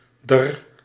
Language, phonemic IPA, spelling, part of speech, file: Dutch, /dər/, d'r, pronoun / adverb, Nl-d'r.ogg
- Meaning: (pronoun) Contracted form of haar; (adverb) contraction of er